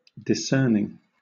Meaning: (verb) present participle and gerund of discern; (adjective) Of keen insight or selective judgement; perceptive; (noun) discernment
- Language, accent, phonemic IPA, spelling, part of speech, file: English, Southern England, /dɪˈsɜː.nɪŋ/, discerning, verb / adjective / noun, LL-Q1860 (eng)-discerning.wav